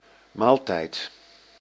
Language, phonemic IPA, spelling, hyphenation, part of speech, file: Dutch, /ˈmaːltɛi̯t/, maaltijd, maal‧tijd, noun / verb, Nl-maaltijd.ogg
- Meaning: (noun) meal; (verb) inflection of maaltijden: 1. first-person singular present indicative 2. second-person singular present indicative 3. imperative